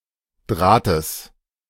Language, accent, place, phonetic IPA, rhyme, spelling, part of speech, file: German, Germany, Berlin, [ˈdʁaːtəs], -aːtəs, Drahtes, noun, De-Drahtes.ogg
- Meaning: genitive singular of Draht